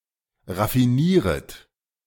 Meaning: second-person plural subjunctive I of raffinieren
- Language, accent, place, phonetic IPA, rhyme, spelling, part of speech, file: German, Germany, Berlin, [ʁafiˈniːʁət], -iːʁət, raffinieret, verb, De-raffinieret.ogg